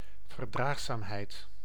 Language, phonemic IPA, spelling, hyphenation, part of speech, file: Dutch, /vərˈdraɣzamˌhɛit/, verdraagzaamheid, ver‧draag‧zaam‧heid, noun, Nl-verdraagzaamheid.ogg
- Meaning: tolerance